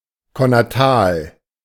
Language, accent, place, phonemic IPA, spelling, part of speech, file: German, Germany, Berlin, /kɔnaˈtaːl/, konnatal, adjective, De-konnatal.ogg
- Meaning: congenital, connatal